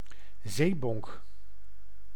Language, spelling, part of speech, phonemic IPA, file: Dutch, zeebonk, noun, /ˈzebɔŋk/, Nl-zeebonk.ogg